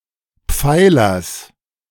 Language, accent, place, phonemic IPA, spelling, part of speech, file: German, Germany, Berlin, /ˈpfaɪ̯lɐs/, Pfeilers, noun, De-Pfeilers.ogg
- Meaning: genitive singular of Pfeiler